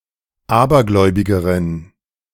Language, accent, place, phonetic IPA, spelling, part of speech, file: German, Germany, Berlin, [ˈaːbɐˌɡlɔɪ̯bɪɡəʁən], abergläubigeren, adjective, De-abergläubigeren.ogg
- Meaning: inflection of abergläubig: 1. strong genitive masculine/neuter singular comparative degree 2. weak/mixed genitive/dative all-gender singular comparative degree